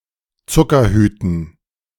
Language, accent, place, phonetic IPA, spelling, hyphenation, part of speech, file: German, Germany, Berlin, [ˈt͡sʊkɐˌhyːtn̩], Zuckerhüten, Zu‧cker‧hü‧ten, noun, De-Zuckerhüten.ogg
- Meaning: dative plural of Zuckerhut